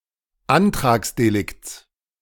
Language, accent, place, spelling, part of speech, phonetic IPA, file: German, Germany, Berlin, Antragsdelikts, noun, [ˈantʁaːksdeˌlɪkt͡s], De-Antragsdelikts.ogg
- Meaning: genitive singular of Antragsdelikt